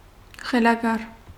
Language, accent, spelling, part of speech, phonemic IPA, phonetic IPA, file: Armenian, Eastern Armenian, խելագար, adjective / noun / adverb, /χelɑˈɡɑɾ/, [χelɑɡɑ́ɾ], Hy-խելագար.ogg
- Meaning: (adjective) crazy, insane, mad, demented; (noun) madman, lunatic; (adverb) crazily, insanely, madly